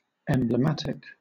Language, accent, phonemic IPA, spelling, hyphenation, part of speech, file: English, Southern England, /ˌɛmbləˈmatɪk/, emblematic, em‧blem‧at‧ic, adjective, LL-Q1860 (eng)-emblematic.wav
- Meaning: 1. Serving as, or relating to a symbol, emblem or illustration of a type 2. Very typical